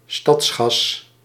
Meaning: town gas, coal gas
- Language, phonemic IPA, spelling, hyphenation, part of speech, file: Dutch, /ˈstɑts.xɑs/, stadsgas, stads‧gas, noun, Nl-stadsgas.ogg